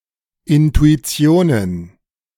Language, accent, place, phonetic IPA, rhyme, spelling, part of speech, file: German, Germany, Berlin, [ɪntuiˈt͡si̯oːnən], -oːnən, Intuitionen, noun, De-Intuitionen.ogg
- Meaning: plural of Intuition